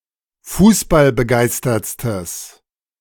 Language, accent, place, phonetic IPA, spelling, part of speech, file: German, Germany, Berlin, [ˈfuːsbalbəˌɡaɪ̯stɐt͡stəs], fußballbegeistertstes, adjective, De-fußballbegeistertstes.ogg
- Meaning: strong/mixed nominative/accusative neuter singular superlative degree of fußballbegeistert